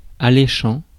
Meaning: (verb) present participle of allécher; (adjective) 1. enticing 2. mouth-watering
- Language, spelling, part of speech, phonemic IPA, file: French, alléchant, verb / adjective, /a.le.ʃɑ̃/, Fr-alléchant.ogg